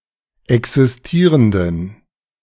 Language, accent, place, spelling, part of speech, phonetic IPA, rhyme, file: German, Germany, Berlin, existierenden, adjective, [ˌɛksɪsˈtiːʁəndn̩], -iːʁəndn̩, De-existierenden.ogg
- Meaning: inflection of existierend: 1. strong genitive masculine/neuter singular 2. weak/mixed genitive/dative all-gender singular 3. strong/weak/mixed accusative masculine singular 4. strong dative plural